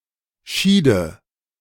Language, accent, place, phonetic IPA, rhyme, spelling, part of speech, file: German, Germany, Berlin, [ˈʃiːdə], -iːdə, schiede, verb, De-schiede.ogg
- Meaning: first/third-person singular subjunctive II of scheiden